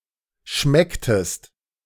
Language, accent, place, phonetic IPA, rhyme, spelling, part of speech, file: German, Germany, Berlin, [ˈʃmɛktəst], -ɛktəst, schmecktest, verb, De-schmecktest.ogg
- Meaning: inflection of schmecken: 1. second-person singular preterite 2. second-person singular subjunctive II